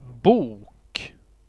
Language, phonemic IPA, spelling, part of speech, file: Swedish, /buːk/, bok, noun, Sv-bok.ogg
- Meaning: 1. book: collection of sheets of paper 2. book: a work of literature 3. book: a major division of a published work 4. beech (tree of the genus Fagus)